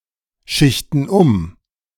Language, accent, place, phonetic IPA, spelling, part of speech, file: German, Germany, Berlin, [ˌʃɪçtn̩ ˈʊm], schichten um, verb, De-schichten um.ogg
- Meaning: inflection of umschichten: 1. first/third-person plural present 2. first/third-person plural subjunctive I